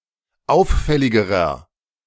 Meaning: inflection of auffällig: 1. strong/mixed nominative masculine singular comparative degree 2. strong genitive/dative feminine singular comparative degree 3. strong genitive plural comparative degree
- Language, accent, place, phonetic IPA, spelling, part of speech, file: German, Germany, Berlin, [ˈaʊ̯fˌfɛlɪɡəʁɐ], auffälligerer, adjective, De-auffälligerer.ogg